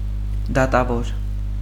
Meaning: judge
- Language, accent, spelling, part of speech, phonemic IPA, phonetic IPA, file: Armenian, Eastern Armenian, դատավոր, noun, /dɑtɑˈvoɾ/, [dɑtɑvóɾ], Hy-դատավոր.ogg